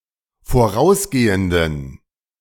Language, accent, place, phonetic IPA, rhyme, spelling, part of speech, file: German, Germany, Berlin, [foˈʁaʊ̯sˌɡeːəndn̩], -aʊ̯sɡeːəndn̩, vorausgehenden, adjective, De-vorausgehenden.ogg
- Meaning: inflection of vorausgehend: 1. strong genitive masculine/neuter singular 2. weak/mixed genitive/dative all-gender singular 3. strong/weak/mixed accusative masculine singular 4. strong dative plural